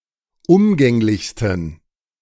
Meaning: 1. superlative degree of umgänglich 2. inflection of umgänglich: strong genitive masculine/neuter singular superlative degree
- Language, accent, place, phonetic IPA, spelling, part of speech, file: German, Germany, Berlin, [ˈʊmɡɛŋlɪçstn̩], umgänglichsten, adjective, De-umgänglichsten.ogg